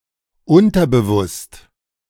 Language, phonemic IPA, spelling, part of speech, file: German, /ˈʔʊntɐbəvʊst/, unterbewusst, adjective, De-unterbewusst.oga
- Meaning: subconscious